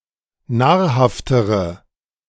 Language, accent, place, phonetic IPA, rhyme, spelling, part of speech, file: German, Germany, Berlin, [ˈnaːɐ̯ˌhaftəʁə], -aːɐ̯haftəʁə, nahrhaftere, adjective, De-nahrhaftere.ogg
- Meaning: inflection of nahrhaft: 1. strong/mixed nominative/accusative feminine singular comparative degree 2. strong nominative/accusative plural comparative degree